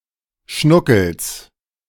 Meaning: genitive singular of Schnuckel
- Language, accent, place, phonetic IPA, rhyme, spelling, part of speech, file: German, Germany, Berlin, [ˈʃnʊkl̩s], -ʊkl̩s, Schnuckels, noun, De-Schnuckels.ogg